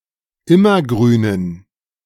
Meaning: dative plural of Immergrün
- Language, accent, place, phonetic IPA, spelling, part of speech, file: German, Germany, Berlin, [ˈɪmɐˌɡʁyːnən], Immergrünen, noun, De-Immergrünen.ogg